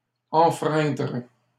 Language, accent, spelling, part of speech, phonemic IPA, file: French, Canada, enfreindre, verb, /ɑ̃.fʁɛ̃dʁ/, LL-Q150 (fra)-enfreindre.wav
- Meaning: to infringe